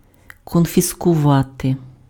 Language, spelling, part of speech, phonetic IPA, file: Ukrainian, конфіскувати, verb, [kɔnʲfʲiskʊˈʋate], Uk-конфіскувати.ogg
- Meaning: to confiscate